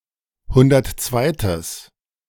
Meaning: strong/mixed nominative/accusative neuter singular of hundertzweite
- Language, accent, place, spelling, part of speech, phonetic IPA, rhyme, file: German, Germany, Berlin, hundertzweites, adjective, [ˈhʊndɐtˈt͡svaɪ̯təs], -aɪ̯təs, De-hundertzweites.ogg